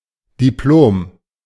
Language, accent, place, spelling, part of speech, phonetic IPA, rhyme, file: German, Germany, Berlin, Diplom, noun, [diˈploːm], -oːm, De-Diplom.ogg
- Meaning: diploma (higher education only, e.g., Master’s degree)